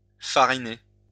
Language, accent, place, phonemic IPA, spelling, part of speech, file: French, France, Lyon, /fa.ʁi.ne/, fariner, verb, LL-Q150 (fra)-fariner.wav
- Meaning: to flour (to apply flour to something)